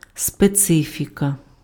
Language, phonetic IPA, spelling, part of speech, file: Ukrainian, [speˈt͡sɪfʲikɐ], специфіка, noun, Uk-специфіка.ogg
- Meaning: specific character, specificity, specifics